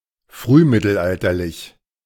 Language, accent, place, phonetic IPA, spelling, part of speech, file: German, Germany, Berlin, [ˈfʁyːˌmɪtl̩ʔaltɐlɪç], frühmittelalterlich, adjective, De-frühmittelalterlich.ogg
- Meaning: early medieval